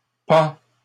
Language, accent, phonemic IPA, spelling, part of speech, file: French, Canada, /pɑ̃/, pends, verb, LL-Q150 (fra)-pends.wav
- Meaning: inflection of pendre: 1. first/second-person singular present indicative 2. second-person singular imperative